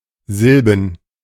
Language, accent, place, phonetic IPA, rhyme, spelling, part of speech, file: German, Germany, Berlin, [ˈzɪlbn̩], -ɪlbn̩, Silben, noun, De-Silben.ogg
- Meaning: plural of Silbe